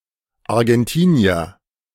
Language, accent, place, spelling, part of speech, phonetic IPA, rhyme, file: German, Germany, Berlin, Argentinier, noun, [aʁɡɛnˈtiːni̯ɐ], -iːni̯ɐ, De-Argentinier.ogg
- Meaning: Argentinian (person from Argentina)